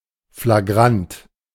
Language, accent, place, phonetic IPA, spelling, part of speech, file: German, Germany, Berlin, [flaˈɡʁant], flagrant, adjective, De-flagrant.ogg
- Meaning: flagrant